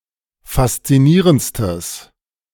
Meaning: strong/mixed nominative/accusative neuter singular superlative degree of faszinierend
- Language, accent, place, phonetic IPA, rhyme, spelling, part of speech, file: German, Germany, Berlin, [fast͡siˈniːʁənt͡stəs], -iːʁənt͡stəs, faszinierendstes, adjective, De-faszinierendstes.ogg